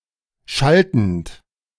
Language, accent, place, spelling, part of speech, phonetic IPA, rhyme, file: German, Germany, Berlin, schaltend, verb, [ˈʃaltn̩t], -altn̩t, De-schaltend.ogg
- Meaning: present participle of schalten